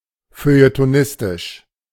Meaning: feuilletonist
- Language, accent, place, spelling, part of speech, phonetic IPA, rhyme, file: German, Germany, Berlin, feuilletonistisch, adjective, [føjətoˈnɪstɪʃ], -ɪstɪʃ, De-feuilletonistisch.ogg